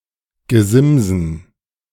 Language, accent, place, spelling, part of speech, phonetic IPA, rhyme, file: German, Germany, Berlin, Gesimsen, noun, [ɡəˈzɪmzn̩], -ɪmzn̩, De-Gesimsen.ogg
- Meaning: dative plural of Gesims